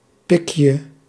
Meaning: diminutive of pik
- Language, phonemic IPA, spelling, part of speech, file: Dutch, /ˈpɪkjə/, pikje, noun, Nl-pikje.ogg